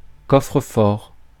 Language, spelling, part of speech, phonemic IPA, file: French, coffre-fort, noun, /kɔ.fʁə.fɔʁ/, Fr-coffre-fort.ogg
- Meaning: safe (a box, usually made of metal, in which valuables can be locked for safekeeping)